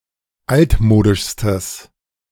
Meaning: strong/mixed nominative/accusative neuter singular superlative degree of altmodisch
- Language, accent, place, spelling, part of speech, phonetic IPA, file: German, Germany, Berlin, altmodischstes, adjective, [ˈaltˌmoːdɪʃstəs], De-altmodischstes.ogg